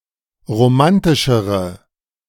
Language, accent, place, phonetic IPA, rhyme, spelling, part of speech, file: German, Germany, Berlin, [ʁoˈmantɪʃəʁə], -antɪʃəʁə, romantischere, adjective, De-romantischere.ogg
- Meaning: inflection of romantisch: 1. strong/mixed nominative/accusative feminine singular comparative degree 2. strong nominative/accusative plural comparative degree